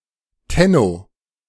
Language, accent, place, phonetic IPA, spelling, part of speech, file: German, Germany, Berlin, [ˈtɛno], Tenno, noun, De-Tenno.ogg
- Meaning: tenno (emperor of Japan)